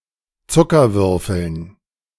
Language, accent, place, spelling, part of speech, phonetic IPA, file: German, Germany, Berlin, Zuckerwürfeln, noun, [ˈt͡sʊkɐˌvʏʁfl̩n], De-Zuckerwürfeln.ogg
- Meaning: dative plural of Zuckerwürfel